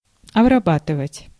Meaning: 1. to process, to treat, to work on 2. to cultivate (soil) 3. to finish, to polish 4. to cleanse (a wound), to apply antiseptic 5. to indoctrinate, to influence
- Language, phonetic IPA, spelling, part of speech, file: Russian, [ɐbrɐˈbatɨvətʲ], обрабатывать, verb, Ru-обрабатывать.ogg